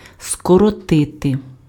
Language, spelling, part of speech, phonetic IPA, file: Ukrainian, скоротити, verb, [skɔrɔˈtɪte], Uk-скоротити.ogg
- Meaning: 1. to abbreviate, to abridge, to shorten 2. to contract (:muscle, etc.)